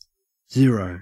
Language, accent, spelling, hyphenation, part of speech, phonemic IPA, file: English, Australia, zero, ze‧ro, numeral / noun / determiner / adjective / verb, /ˈzɪə.ɹəʉ/, En-au-zero.ogg
- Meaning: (numeral) The cardinal number occurring before one and that denotes no quantity or amount at all, represented in Arabic numerals as 0